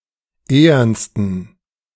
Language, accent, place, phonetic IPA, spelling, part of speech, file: German, Germany, Berlin, [ˈeːɐnstn̩], ehernsten, adjective, De-ehernsten.ogg
- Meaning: 1. superlative degree of ehern 2. inflection of ehern: strong genitive masculine/neuter singular superlative degree